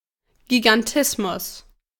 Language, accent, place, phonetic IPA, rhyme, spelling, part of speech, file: German, Germany, Berlin, [ɡiɡanˈtɪsmʊs], -ɪsmʊs, Gigantismus, noun, De-Gigantismus.ogg
- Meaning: gigantism